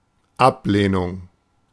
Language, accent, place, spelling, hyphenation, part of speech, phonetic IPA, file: German, Germany, Berlin, Ablehnung, Ab‧leh‧nung, noun, [ˈʔapleːnʊŋ], De-Ablehnung.ogg
- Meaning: rejection